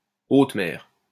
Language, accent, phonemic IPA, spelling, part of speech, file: French, France, /ot mɛʁ/, haute mer, noun, LL-Q150 (fra)-haute mer.wav
- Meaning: 1. open sea, open water 2. high sea 3. international waters, high seas